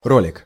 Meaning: 1. roller, roll (that which rolls) 2. bowl 3. pulley, block 4. sheave 5. trundle 6. caster 7. (colloquial) in-line skates 8. video clip
- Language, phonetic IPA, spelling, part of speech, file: Russian, [ˈrolʲɪk], ролик, noun, Ru-ролик.ogg